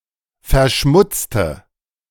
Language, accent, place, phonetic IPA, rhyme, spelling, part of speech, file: German, Germany, Berlin, [fɛɐ̯ˈʃmʊt͡stə], -ʊt͡stə, verschmutzte, adjective / verb, De-verschmutzte.ogg
- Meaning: inflection of verschmutzen: 1. first/third-person singular preterite 2. first/third-person singular subjunctive II